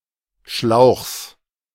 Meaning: genitive singular of Schlauch
- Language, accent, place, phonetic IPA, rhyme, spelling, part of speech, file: German, Germany, Berlin, [ʃlaʊ̯xs], -aʊ̯xs, Schlauchs, noun, De-Schlauchs.ogg